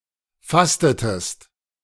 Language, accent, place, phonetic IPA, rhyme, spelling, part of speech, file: German, Germany, Berlin, [ˈfastətəst], -astətəst, fastetest, verb, De-fastetest.ogg
- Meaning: inflection of fasten: 1. second-person singular preterite 2. second-person singular subjunctive II